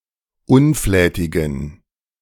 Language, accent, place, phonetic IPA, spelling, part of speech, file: German, Germany, Berlin, [ˈʊnˌflɛːtɪɡn̩], unflätigen, adjective, De-unflätigen.ogg
- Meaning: inflection of unflätig: 1. strong genitive masculine/neuter singular 2. weak/mixed genitive/dative all-gender singular 3. strong/weak/mixed accusative masculine singular 4. strong dative plural